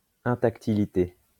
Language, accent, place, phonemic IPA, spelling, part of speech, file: French, France, Lyon, /ɛ̃.tak.ti.li.te/, intactilité, noun, LL-Q150 (fra)-intactilité.wav
- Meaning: untouchability